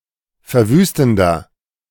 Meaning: 1. comparative degree of verwüstend 2. inflection of verwüstend: strong/mixed nominative masculine singular 3. inflection of verwüstend: strong genitive/dative feminine singular
- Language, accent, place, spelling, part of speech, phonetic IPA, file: German, Germany, Berlin, verwüstender, adjective, [fɛɐ̯ˈvyːstn̩dɐ], De-verwüstender.ogg